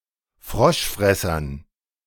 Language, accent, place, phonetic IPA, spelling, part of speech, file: German, Germany, Berlin, [ˈfʁɔʃˌfʁɛsɐn], Froschfressern, noun, De-Froschfressern.ogg
- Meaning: dative plural of Froschfresser